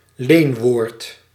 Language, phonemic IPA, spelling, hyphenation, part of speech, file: Dutch, /ˈleːn.ʋoːrt/, leenwoord, leen‧woord, noun, Nl-leenwoord.ogg
- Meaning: loanword